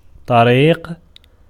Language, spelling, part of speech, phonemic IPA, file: Arabic, طريق, noun, /tˤa.riːq/, Ar-طريق.ogg
- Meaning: way, road, path, track, street